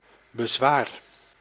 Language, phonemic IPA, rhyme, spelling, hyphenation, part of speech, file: Dutch, /bəˈzʋaːr/, -aːr, bezwaar, be‧zwaar, noun / verb, Nl-bezwaar.ogg
- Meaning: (noun) 1. objection 2. difficulty, obstacle; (verb) inflection of bezwaren: 1. first-person singular present indicative 2. second-person singular present indicative 3. imperative